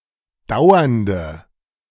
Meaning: inflection of dauernd: 1. strong/mixed nominative/accusative feminine singular 2. strong nominative/accusative plural 3. weak nominative all-gender singular 4. weak accusative feminine/neuter singular
- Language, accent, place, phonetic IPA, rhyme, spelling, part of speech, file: German, Germany, Berlin, [ˈdaʊ̯ɐndə], -aʊ̯ɐndə, dauernde, adjective, De-dauernde.ogg